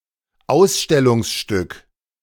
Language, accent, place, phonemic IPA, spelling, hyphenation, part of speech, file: German, Germany, Berlin, /ˈaʊ̯sʃtɛlʊŋsˌʃtʏk/, Ausstellungsstück, Aus‧stel‧lungs‧stück, noun, De-Ausstellungsstück.ogg
- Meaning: exhibit